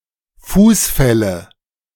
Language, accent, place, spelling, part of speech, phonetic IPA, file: German, Germany, Berlin, Fußfälle, noun, [ˈfuːsˌfɛlə], De-Fußfälle.ogg
- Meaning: nominative/accusative/genitive plural of Fußfall